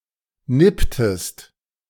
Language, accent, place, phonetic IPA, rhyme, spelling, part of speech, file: German, Germany, Berlin, [ˈnɪptəst], -ɪptəst, nipptest, verb, De-nipptest.ogg
- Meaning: inflection of nippen: 1. second-person singular preterite 2. second-person singular subjunctive II